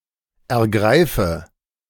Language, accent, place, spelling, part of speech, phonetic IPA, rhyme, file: German, Germany, Berlin, ergreife, verb, [ɛɐ̯ˈɡʁaɪ̯fə], -aɪ̯fə, De-ergreife.ogg
- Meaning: inflection of ergreifen: 1. first-person singular present 2. first/third-person singular subjunctive I 3. singular imperative